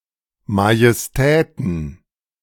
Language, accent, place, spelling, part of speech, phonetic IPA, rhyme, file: German, Germany, Berlin, Majestäten, noun, [majɛsˈtɛːtn̩], -ɛːtn̩, De-Majestäten.ogg
- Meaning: plural of Majestät